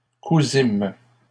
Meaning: first-person plural past historic of coudre
- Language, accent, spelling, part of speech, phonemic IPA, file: French, Canada, cousîmes, verb, /ku.zim/, LL-Q150 (fra)-cousîmes.wav